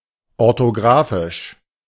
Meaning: alternative form of orthografisch
- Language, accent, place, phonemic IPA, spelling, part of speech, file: German, Germany, Berlin, /ɔʁtoˈɡʁaːfɪʃ/, orthographisch, adjective, De-orthographisch.ogg